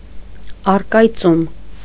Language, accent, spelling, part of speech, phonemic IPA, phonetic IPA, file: Armenian, Eastern Armenian, առկայծում, noun, /ɑrkɑjˈt͡sum/, [ɑrkɑjt͡súm], Hy-առկայծում.ogg
- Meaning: 1. act of fading, waning, dimming 2. act of shining, sparkling, glimmering